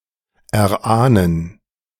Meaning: to guess, surmise
- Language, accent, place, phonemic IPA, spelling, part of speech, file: German, Germany, Berlin, /er.ˈaː.nən/, erahnen, verb, De-erahnen.ogg